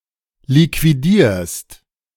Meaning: second-person singular present of liquidieren
- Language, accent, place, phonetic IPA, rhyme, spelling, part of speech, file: German, Germany, Berlin, [likviˈdiːɐ̯st], -iːɐ̯st, liquidierst, verb, De-liquidierst.ogg